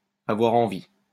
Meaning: 1. to want 2. to want, to desire (sexually) 3. to feel like, to want to 4. to feel an urge 5. to need to use the toilet
- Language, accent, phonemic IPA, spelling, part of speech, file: French, France, /a.vwa.ʁ‿ɑ̃.vi/, avoir envie, verb, LL-Q150 (fra)-avoir envie.wav